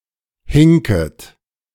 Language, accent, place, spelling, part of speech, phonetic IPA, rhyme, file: German, Germany, Berlin, hinket, verb, [ˈhɪŋkət], -ɪŋkət, De-hinket.ogg
- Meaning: second-person plural subjunctive I of hinken